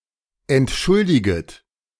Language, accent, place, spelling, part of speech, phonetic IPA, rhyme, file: German, Germany, Berlin, entschuldiget, verb, [ɛntˈʃʊldɪɡət], -ʊldɪɡət, De-entschuldiget.ogg
- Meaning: second-person plural subjunctive I of entschuldigen